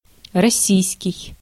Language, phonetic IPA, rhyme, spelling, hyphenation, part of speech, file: Russian, [rɐˈsʲijskʲɪj], -ijskʲɪj, российский, рос‧сий‧ский, adjective, Ru-российский.ogg
- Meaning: Russian (concerning the country, nationality)